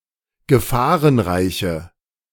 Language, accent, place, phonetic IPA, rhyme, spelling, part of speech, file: German, Germany, Berlin, [ɡəˈfaːʁənˌʁaɪ̯çə], -aːʁənʁaɪ̯çə, gefahrenreiche, adjective, De-gefahrenreiche.ogg
- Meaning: inflection of gefahrenreich: 1. strong/mixed nominative/accusative feminine singular 2. strong nominative/accusative plural 3. weak nominative all-gender singular